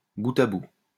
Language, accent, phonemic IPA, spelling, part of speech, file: French, France, /bu.t‿a bu/, bout à bout, adverb, LL-Q150 (fra)-bout à bout.wav
- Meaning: end to end